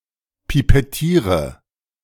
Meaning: inflection of pipettieren: 1. first-person singular present 2. singular imperative 3. first/third-person singular subjunctive I
- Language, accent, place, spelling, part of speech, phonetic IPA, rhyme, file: German, Germany, Berlin, pipettiere, verb, [pipɛˈtiːʁə], -iːʁə, De-pipettiere.ogg